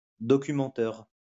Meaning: mockumentary
- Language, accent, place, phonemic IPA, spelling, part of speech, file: French, France, Lyon, /dɔ.ky.mɑ̃.tœʁ/, documenteur, noun, LL-Q150 (fra)-documenteur.wav